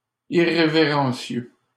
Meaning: irreverent
- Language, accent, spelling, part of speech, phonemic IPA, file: French, Canada, irrévérencieux, adjective, /i.ʁe.ve.ʁɑ̃.sjø/, LL-Q150 (fra)-irrévérencieux.wav